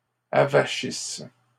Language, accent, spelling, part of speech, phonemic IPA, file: French, Canada, avachisse, verb, /a.va.ʃis/, LL-Q150 (fra)-avachisse.wav
- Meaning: inflection of avachir: 1. first/third-person singular present subjunctive 2. first-person singular imperfect subjunctive